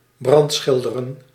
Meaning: to stain glass
- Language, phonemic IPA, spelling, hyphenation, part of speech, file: Dutch, /ˈbrɑntˌsxɪldərə(n)/, brandschilderen, brand‧schil‧de‧ren, verb, Nl-brandschilderen.ogg